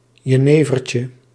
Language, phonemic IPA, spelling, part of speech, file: Dutch, /jəˈnevərcə/, jenevertje, noun, Nl-jenevertje.ogg
- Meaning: diminutive of jenever